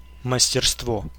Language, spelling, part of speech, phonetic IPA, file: Russian, мастерство, noun, [məsʲtʲɪrstˈvo], Ru-мастерство.ogg
- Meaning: 1. mastery, skill 2. trade, craft